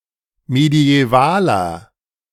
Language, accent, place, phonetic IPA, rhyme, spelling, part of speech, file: German, Germany, Berlin, [medi̯ɛˈvaːlɐ], -aːlɐ, mediävaler, adjective, De-mediävaler.ogg
- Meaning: inflection of mediäval: 1. strong/mixed nominative masculine singular 2. strong genitive/dative feminine singular 3. strong genitive plural